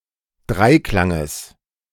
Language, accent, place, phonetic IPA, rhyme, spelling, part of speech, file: German, Germany, Berlin, [ˈdʁaɪ̯ˌklaŋəs], -aɪ̯klaŋəs, Dreiklanges, noun, De-Dreiklanges.ogg
- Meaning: genitive of Dreiklang